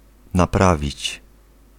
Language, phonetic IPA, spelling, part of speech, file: Polish, [naˈpravʲit͡ɕ], naprawić, verb, Pl-naprawić.ogg